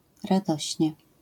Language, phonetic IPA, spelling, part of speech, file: Polish, [raˈdɔɕɲɛ], radośnie, adverb, LL-Q809 (pol)-radośnie.wav